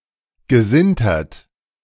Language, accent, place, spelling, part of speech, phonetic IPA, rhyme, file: German, Germany, Berlin, gesintert, verb, [ɡəˈzɪntɐt], -ɪntɐt, De-gesintert.ogg
- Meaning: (verb) past participle of sintern; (adjective) sintered